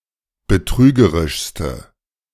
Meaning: inflection of betrügerisch: 1. strong/mixed nominative/accusative feminine singular superlative degree 2. strong nominative/accusative plural superlative degree
- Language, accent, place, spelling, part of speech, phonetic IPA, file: German, Germany, Berlin, betrügerischste, adjective, [bəˈtʁyːɡəʁɪʃstə], De-betrügerischste.ogg